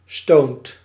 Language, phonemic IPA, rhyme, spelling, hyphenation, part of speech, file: Dutch, /stoːnt/, -oːnt, stoned, stoned, adjective, Nl-stoned.ogg
- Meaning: stoned, high (under the influence of drugs, especially recreational drugs)